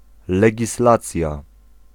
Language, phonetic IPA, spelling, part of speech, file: Polish, [ˌlɛɟiˈslat͡sʲja], legislacja, noun, Pl-legislacja.ogg